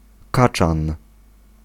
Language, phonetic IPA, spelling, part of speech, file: Polish, [ˈkat͡ʃãn], kaczan, noun, Pl-kaczan.ogg